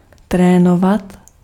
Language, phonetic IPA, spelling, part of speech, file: Czech, [ˈtrɛːnovat], trénovat, verb, Cs-trénovat.ogg
- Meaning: to train, exercise